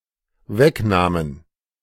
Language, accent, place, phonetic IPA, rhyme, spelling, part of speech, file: German, Germany, Berlin, [ˈvɛkˌnaːmən], -ɛknaːmən, wegnahmen, verb, De-wegnahmen.ogg
- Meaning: first/third-person plural dependent preterite of wegnehmen